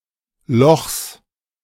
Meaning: genitive singular of Loch
- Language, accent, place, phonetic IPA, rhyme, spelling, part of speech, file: German, Germany, Berlin, [lɔxs], -ɔxs, Lochs, noun, De-Lochs.ogg